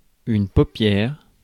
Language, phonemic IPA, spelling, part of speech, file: French, /po.pjɛʁ/, paupière, noun, Fr-paupière.ogg
- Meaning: eyelid